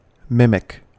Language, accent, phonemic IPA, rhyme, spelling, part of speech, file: English, US, /ˈmɪm.ɪk/, -ɪmɪk, mimic, verb / noun / adjective, En-us-mimic.ogg
- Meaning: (verb) 1. To imitate, especially in order to ridicule 2. To take on the appearance of another, for protection or camouflage; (noun) A person who practices mimicry; especially: A mime